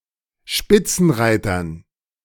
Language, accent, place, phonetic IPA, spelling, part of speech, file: German, Germany, Berlin, [ˈʃpɪt͡sn̩ˌʁaɪ̯tɐn], Spitzenreitern, noun, De-Spitzenreitern.ogg
- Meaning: dative plural of Spitzenreiter